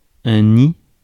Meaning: 1. nest 2. Some people or dangerous things, hidden or not
- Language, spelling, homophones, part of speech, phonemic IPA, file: French, nid, ni / nids / nie / nient / nies, noun, /ni/, Fr-nid.ogg